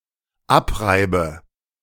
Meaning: inflection of abreiben: 1. first-person singular dependent present 2. first/third-person singular dependent subjunctive I
- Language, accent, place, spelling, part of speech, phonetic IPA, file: German, Germany, Berlin, abreibe, verb, [ˈapˌʁaɪ̯bə], De-abreibe.ogg